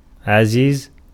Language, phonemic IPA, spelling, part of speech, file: Arabic, /ʕa.ziːz/, عزيز, adjective / noun / proper noun, Ar-عزيز.ogg
- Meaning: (adjective) 1. powerful, mighty 2. powerful, mighty: the Almighty, one of the names of God 3. excellent 4. precious, dear, valuable 5. glorious 6. holy 7. magnificent 8. dear, loved, lovable